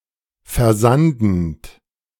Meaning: present participle of versanden
- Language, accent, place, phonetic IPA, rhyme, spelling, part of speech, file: German, Germany, Berlin, [fɛɐ̯ˈzandn̩t], -andn̩t, versandend, verb, De-versandend.ogg